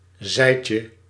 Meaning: diminutive of zij
- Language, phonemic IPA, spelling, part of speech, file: Dutch, /ˈzɛicə/, zijtje, noun, Nl-zijtje.ogg